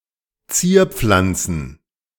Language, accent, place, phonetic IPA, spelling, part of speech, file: German, Germany, Berlin, [ˈt͡siːɐ̯ˌp͡flant͡sn̩], Zierpflanzen, noun, De-Zierpflanzen.ogg
- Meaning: plural of Zierpflanze